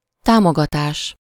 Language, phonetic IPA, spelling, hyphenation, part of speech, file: Hungarian, [ˈtaːmoɡɒtaːʃ], támogatás, tá‧mo‧ga‧tás, noun, Hu-támogatás.ogg
- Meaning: support, encouragement